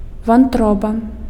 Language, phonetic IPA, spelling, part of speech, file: Belarusian, [vanˈtroba], вантроба, noun, Be-вантроба.ogg
- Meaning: 1. liver 2. entrail